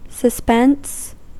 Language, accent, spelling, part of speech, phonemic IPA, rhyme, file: English, US, suspense, noun / adjective, /səˈspɛns/, -ɛns, En-us-suspense.ogg
- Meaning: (noun) 1. The condition of being suspended; cessation for a time 2. The pleasurable emotion of anticipation and excitement regarding the outcome or climax of a book, film etc